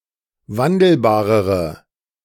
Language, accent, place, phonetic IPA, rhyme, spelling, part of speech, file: German, Germany, Berlin, [ˈvandl̩baːʁəʁə], -andl̩baːʁəʁə, wandelbarere, adjective, De-wandelbarere.ogg
- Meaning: inflection of wandelbar: 1. strong/mixed nominative/accusative feminine singular comparative degree 2. strong nominative/accusative plural comparative degree